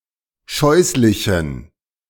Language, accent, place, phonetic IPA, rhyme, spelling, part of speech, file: German, Germany, Berlin, [ˈʃɔɪ̯slɪçn̩], -ɔɪ̯slɪçn̩, scheußlichen, adjective, De-scheußlichen.ogg
- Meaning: inflection of scheußlich: 1. strong genitive masculine/neuter singular 2. weak/mixed genitive/dative all-gender singular 3. strong/weak/mixed accusative masculine singular 4. strong dative plural